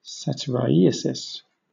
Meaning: 1. Excessive sexual desire, found in a man 2. The quality of excessive sexual passion in a male
- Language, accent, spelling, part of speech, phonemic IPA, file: English, Southern England, satyriasis, noun, /ˌsatɪˈrʌɪəsɪs/, LL-Q1860 (eng)-satyriasis.wav